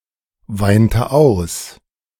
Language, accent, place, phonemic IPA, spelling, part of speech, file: German, Germany, Berlin, /ˌvaɪ̯ntə ˈaʊ̯s/, weinte aus, verb, De-weinte aus.ogg
- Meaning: inflection of ausweinen: 1. first/third-person singular preterite 2. first/third-person singular subjunctive II